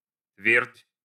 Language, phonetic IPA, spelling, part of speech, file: Russian, [tvʲertʲ], твердь, noun, Ru-твердь.ogg
- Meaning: 1. dry land, earth 2. firmament